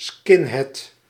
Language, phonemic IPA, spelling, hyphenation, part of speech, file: Dutch, /ˈskɪn.ɦɛd/, skinhead, skin‧head, noun, Nl-skinhead.ogg
- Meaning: skinhead (member of a punk subculture characterised by a shaved head)